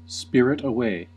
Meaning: 1. To remove without anyone's noticing 2. To carry off through the agency of a spirit or through some magical means
- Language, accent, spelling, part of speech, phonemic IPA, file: English, US, spirit away, verb, /ˈspɪɹ.ɪt əˌweɪ/, En-us-spirit away.ogg